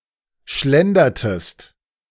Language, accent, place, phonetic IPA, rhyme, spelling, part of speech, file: German, Germany, Berlin, [ˈʃlɛndɐtəst], -ɛndɐtəst, schlendertest, verb, De-schlendertest.ogg
- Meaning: inflection of schlendern: 1. second-person singular preterite 2. second-person singular subjunctive II